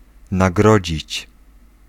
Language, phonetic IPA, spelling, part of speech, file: Polish, [naˈɡrɔd͡ʑit͡ɕ], nagrodzić, verb, Pl-nagrodzić.ogg